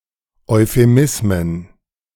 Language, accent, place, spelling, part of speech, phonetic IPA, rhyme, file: German, Germany, Berlin, Euphemismen, noun, [ɔɪ̯feˈmɪsmən], -ɪsmən, De-Euphemismen.ogg
- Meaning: plural of Euphemismus